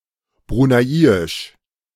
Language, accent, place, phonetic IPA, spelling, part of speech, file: German, Germany, Berlin, [ˈbʁuːnaɪ̯ɪʃ], bruneiisch, adjective, De-bruneiisch.ogg
- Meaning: of Brunei; Bruneian